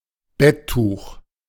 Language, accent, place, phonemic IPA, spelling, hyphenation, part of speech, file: German, Germany, Berlin, /ˈbɛ(t)ˌtuːx/, Betttuch, Bett‧tuch, noun, De-Betttuch.ogg
- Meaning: bed sheet